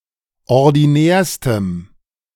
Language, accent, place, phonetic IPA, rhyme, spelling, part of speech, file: German, Germany, Berlin, [ɔʁdiˈnɛːɐ̯stəm], -ɛːɐ̯stəm, ordinärstem, adjective, De-ordinärstem.ogg
- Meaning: strong dative masculine/neuter singular superlative degree of ordinär